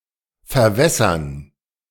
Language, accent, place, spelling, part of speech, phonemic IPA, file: German, Germany, Berlin, verwässern, verb, /fɛɐ̯ˈvɛsɐn/, De-verwässern.ogg
- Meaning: to water down, to dilute